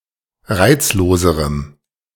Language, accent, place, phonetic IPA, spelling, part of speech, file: German, Germany, Berlin, [ˈʁaɪ̯t͡sloːzəʁəm], reizloserem, adjective, De-reizloserem.ogg
- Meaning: strong dative masculine/neuter singular comparative degree of reizlos